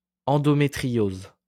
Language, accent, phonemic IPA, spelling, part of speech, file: French, France, /ɑ̃.dɔ.me.tʁi.joz/, endométriose, noun, LL-Q150 (fra)-endométriose.wav
- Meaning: endometriosis